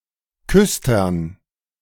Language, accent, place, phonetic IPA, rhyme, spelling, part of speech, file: German, Germany, Berlin, [ˈkʏstɐn], -ʏstɐn, Küstern, noun, De-Küstern.ogg
- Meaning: dative plural of Küster